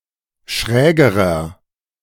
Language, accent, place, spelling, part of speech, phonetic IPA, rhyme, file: German, Germany, Berlin, schrägerer, adjective, [ˈʃʁɛːɡəʁɐ], -ɛːɡəʁɐ, De-schrägerer.ogg
- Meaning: inflection of schräg: 1. strong/mixed nominative masculine singular comparative degree 2. strong genitive/dative feminine singular comparative degree 3. strong genitive plural comparative degree